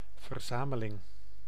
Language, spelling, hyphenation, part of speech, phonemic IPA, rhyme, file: Dutch, verzameling, ver‧za‧me‧ling, noun, /vərˈzaː.mə.lɪŋ/, -aːməlɪŋ, Nl-verzameling.ogg
- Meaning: 1. collection 2. set